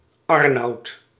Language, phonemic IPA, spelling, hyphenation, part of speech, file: Dutch, /ˈɑr.nɑu̯t/, Arnoud, Ar‧noud, proper noun, Nl-Arnoud.ogg
- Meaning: a male given name, equivalent to English Arnold